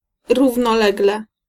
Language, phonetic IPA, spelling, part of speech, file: Polish, [ˌruvnɔˈlɛɡlɛ], równolegle, adverb, Pl-równolegle.ogg